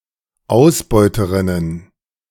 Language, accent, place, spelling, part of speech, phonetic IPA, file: German, Germany, Berlin, Ausbeuterinnen, noun, [ˈaʊ̯sˌbɔɪ̯təʁɪnən], De-Ausbeuterinnen.ogg
- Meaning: plural of Ausbeuterin